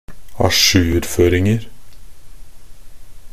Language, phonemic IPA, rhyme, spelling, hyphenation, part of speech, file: Norwegian Bokmål, /aˈʃʉːrføːrɪŋər/, -ər, ajourføringer, a‧jour‧før‧ing‧er, noun, Nb-ajourføringer.ogg
- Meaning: indefinite plural of ajourføring